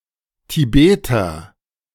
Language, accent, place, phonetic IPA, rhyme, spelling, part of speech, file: German, Germany, Berlin, [tiˈbeːtɐ], -eːtɐ, Tibeter, noun, De-Tibeter.ogg
- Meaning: Tibetan person